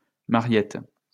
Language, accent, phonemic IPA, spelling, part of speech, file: French, France, /ma.ʁjɛt/, Mariette, proper noun, LL-Q150 (fra)-Mariette.wav
- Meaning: a diminutive of the female given name Marie